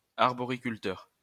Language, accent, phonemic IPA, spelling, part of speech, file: French, France, /aʁ.bɔ.ʁi.kyl.tœʁ/, arboriculteur, noun, LL-Q150 (fra)-arboriculteur.wav
- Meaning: arboriculturist